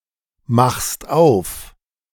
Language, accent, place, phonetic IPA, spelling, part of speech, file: German, Germany, Berlin, [ˌmaxst ˈaʊ̯f], machst auf, verb, De-machst auf.ogg
- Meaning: second-person singular present of aufmachen